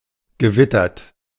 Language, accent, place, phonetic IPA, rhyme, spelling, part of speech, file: German, Germany, Berlin, [ɡəˈvɪtɐt], -ɪtɐt, gewittert, verb, De-gewittert.ogg
- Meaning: 1. past participle of gewittern 2. past participle of wittern